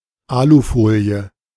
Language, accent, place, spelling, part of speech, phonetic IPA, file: German, Germany, Berlin, Alufolie, noun, [ˈaːluˌfoːli̯ə], De-Alufolie.ogg
- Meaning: aluminium foil